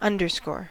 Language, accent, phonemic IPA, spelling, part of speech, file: English, US, /ˈʌn.dɚˌskoɹ/, underscore, noun / verb, En-us-underscore.ogg
- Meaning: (noun) 1. A line drawn or printed beneath text; the character _ 2. A piece of background music; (verb) 1. To underline; to mark a line beneath text 2. To emphasize or draw attention to